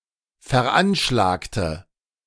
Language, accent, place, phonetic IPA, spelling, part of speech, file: German, Germany, Berlin, [fɛɐ̯ˈʔanʃlaːktə], veranschlagte, adjective / verb, De-veranschlagte.ogg
- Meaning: inflection of veranschlagen: 1. first/third-person singular preterite 2. first/third-person singular subjunctive II